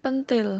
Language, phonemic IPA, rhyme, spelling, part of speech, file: Javanese, /pənt̪el/, -el, ꦥꦼꦤ꧀ꦠꦶꦭ꧀, noun, Jv-pentil.oga
- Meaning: 1. fruit bud 2. misspelling of ꦥꦼꦤ꧀ꦛꦶꦭ꧀ (penthil)